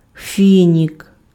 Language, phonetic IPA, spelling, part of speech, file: Ukrainian, [ˈfʲinʲik], фінік, noun, Uk-фінік.ogg
- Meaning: date (fruit)